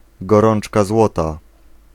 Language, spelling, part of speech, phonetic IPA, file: Polish, gorączka złota, phrase, [ɡɔˈrɔ̃n͇t͡ʃka ˈzwɔta], Pl-gorączka złota.ogg